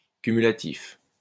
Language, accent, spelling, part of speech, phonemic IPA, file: French, France, cumulatif, adjective, /ky.my.la.tif/, LL-Q150 (fra)-cumulatif.wav
- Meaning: cumulative